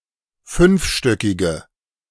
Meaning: inflection of fünfstöckig: 1. strong/mixed nominative/accusative feminine singular 2. strong nominative/accusative plural 3. weak nominative all-gender singular
- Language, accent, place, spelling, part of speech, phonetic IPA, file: German, Germany, Berlin, fünfstöckige, adjective, [ˈfʏnfˌʃtœkɪɡə], De-fünfstöckige.ogg